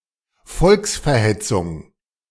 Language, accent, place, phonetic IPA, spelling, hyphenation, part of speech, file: German, Germany, Berlin, [ˈfɔlksfɛɐ̯ˌhɛt͡sʊŋ], Volksverhetzung, Volks‧ver‧het‧zung, noun, De-Volksverhetzung.ogg
- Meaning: incitement to hatred